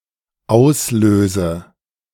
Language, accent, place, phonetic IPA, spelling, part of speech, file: German, Germany, Berlin, [ˈaʊ̯sˌløːzə], auslöse, verb, De-auslöse.ogg
- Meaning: inflection of auslösen: 1. first-person singular dependent present 2. first/third-person singular dependent subjunctive I